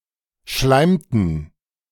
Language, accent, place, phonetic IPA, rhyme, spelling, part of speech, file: German, Germany, Berlin, [ˈʃlaɪ̯mtn̩], -aɪ̯mtn̩, schleimten, verb, De-schleimten.ogg
- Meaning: inflection of schleimen: 1. first/third-person plural preterite 2. first/third-person plural subjunctive II